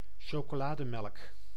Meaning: chocolate milk (milk flavored with chocolate and served cold or hot)
- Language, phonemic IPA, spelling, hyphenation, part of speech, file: Dutch, /ʃoːkoːˈlaːdəmɛlk/, chocolademelk, cho‧co‧la‧de‧melk, noun, Nl-chocolademelk.ogg